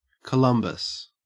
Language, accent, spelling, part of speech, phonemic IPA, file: English, Australia, Columbus, proper noun / noun / verb, /kəˈlʌmbəs/, En-au-Columbus.ogg
- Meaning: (proper noun) 1. A male given name from Latin 2. A surname 3. A surname.: Christopher Columbus (1451–1506), Italian explorer of the Americas